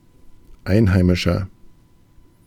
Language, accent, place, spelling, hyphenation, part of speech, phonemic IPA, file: German, Germany, Berlin, Einheimischer, Ein‧hei‧mi‧scher, noun, /ˈaɪ̯nˌhaɪ̯mɪʃɐ/, De-Einheimischer.ogg
- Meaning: 1. local, native, one of the locals (male or of unspecified gender) 2. inflection of Einheimische: strong genitive/dative singular 3. inflection of Einheimische: strong genitive plural